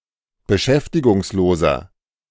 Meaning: inflection of beschäftigungslos: 1. strong/mixed nominative masculine singular 2. strong genitive/dative feminine singular 3. strong genitive plural
- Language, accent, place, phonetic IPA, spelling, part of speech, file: German, Germany, Berlin, [bəˈʃɛftɪɡʊŋsˌloːzɐ], beschäftigungsloser, adjective, De-beschäftigungsloser.ogg